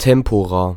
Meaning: plural of Tempus
- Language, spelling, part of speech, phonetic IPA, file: German, Tempora, noun, [ˈtɛmpoʁa], De-Tempora.ogg